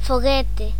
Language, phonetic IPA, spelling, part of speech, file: Galician, [foˈɣetɪ], foguete, noun, Gl-foguete.ogg
- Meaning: 1. skyrocket 2. rocket (astronautic or military) 3. sexual intercourse